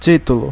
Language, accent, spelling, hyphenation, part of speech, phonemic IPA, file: Portuguese, Brazil, título, tí‧tu‧lo, noun, /ˈt͡ʃi.tu.lu/, Pt-br-título.ogg
- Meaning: title: 1. prefix or suffix added to a name 2. name of a book, movie etc 3. victory in a competition 4. certificate of right of some sort, such as to ownership of a property